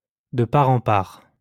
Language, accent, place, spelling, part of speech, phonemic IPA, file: French, France, Lyon, de part en part, adverb, /də pa.ʁ‿ɑ̃ paʁ/, LL-Q150 (fra)-de part en part.wav
- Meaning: from end to end, right through, through and through